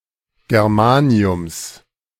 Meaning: genitive singular of Germanium
- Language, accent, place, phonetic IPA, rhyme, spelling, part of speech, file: German, Germany, Berlin, [ɡɛʁˈmaːni̯ʊms], -aːni̯ʊms, Germaniums, noun, De-Germaniums.ogg